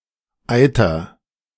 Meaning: inflection of eitern: 1. first-person singular present 2. singular imperative
- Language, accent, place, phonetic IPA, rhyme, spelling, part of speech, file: German, Germany, Berlin, [ˈaɪ̯tɐ], -aɪ̯tɐ, eiter, verb, De-eiter.ogg